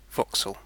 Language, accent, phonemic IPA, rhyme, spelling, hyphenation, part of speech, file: English, UK, /ˈvɒk.səl/, -ɒksəl, voxel, vo‧xel, noun, En-uk-voxel.ogg